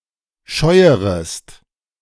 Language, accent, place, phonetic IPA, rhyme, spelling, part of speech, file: German, Germany, Berlin, [ˈʃɔɪ̯əʁəst], -ɔɪ̯əʁəst, scheuerest, verb, De-scheuerest.ogg
- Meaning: second-person singular subjunctive I of scheuern